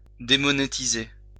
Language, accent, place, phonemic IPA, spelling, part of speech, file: French, France, Lyon, /de.mɔ.ne.ti.ze/, démonétiser, verb, LL-Q150 (fra)-démonétiser.wav
- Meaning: to demonetize